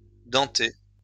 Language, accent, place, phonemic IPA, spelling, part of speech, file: French, France, Lyon, /dɑ̃.te/, denté, verb / adjective, LL-Q150 (fra)-denté.wav
- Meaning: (verb) past participle of denter; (adjective) toothed